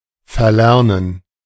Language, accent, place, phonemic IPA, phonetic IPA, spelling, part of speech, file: German, Germany, Berlin, /fəʁˈlɛʁnən/, [fɐˈlɛɐ̯n(n̩)], verlernen, verb, De-verlernen.ogg
- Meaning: 1. to lose the ability to do a task due to rarely doing it; to unlearn, forget 2. to cease doing, to forget